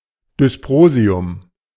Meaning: dysprosium
- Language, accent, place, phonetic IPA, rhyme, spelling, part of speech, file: German, Germany, Berlin, [dʏsˈpʁoːzi̯ʊm], -oːzi̯ʊm, Dysprosium, noun, De-Dysprosium.ogg